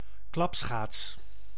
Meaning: clap skate (ice skate whose blade has been attached to the front with a hinge)
- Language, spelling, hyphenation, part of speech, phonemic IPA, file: Dutch, klapschaats, klap‧schaats, noun, /ˈklɑp.sxaːts/, Nl-klapschaats.ogg